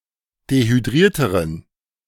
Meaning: inflection of dehydriert: 1. strong genitive masculine/neuter singular comparative degree 2. weak/mixed genitive/dative all-gender singular comparative degree
- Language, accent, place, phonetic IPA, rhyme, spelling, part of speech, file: German, Germany, Berlin, [dehyˈdʁiːɐ̯təʁən], -iːɐ̯təʁən, dehydrierteren, adjective, De-dehydrierteren.ogg